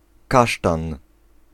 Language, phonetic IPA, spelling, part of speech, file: Polish, [ˈkaʃtãn], kasztan, noun, Pl-kasztan.ogg